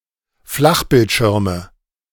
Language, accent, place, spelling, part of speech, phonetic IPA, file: German, Germany, Berlin, Flachbildschirme, noun, [ˈflaxbɪltˌʃɪʁmə], De-Flachbildschirme.ogg
- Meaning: nominative/accusative/genitive plural of Flachbildschirm